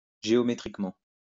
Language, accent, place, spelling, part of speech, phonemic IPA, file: French, France, Lyon, géométriquement, adverb, /ʒe.ɔ.me.tʁik.mɑ̃/, LL-Q150 (fra)-géométriquement.wav
- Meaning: geometrically (with respect to geometry)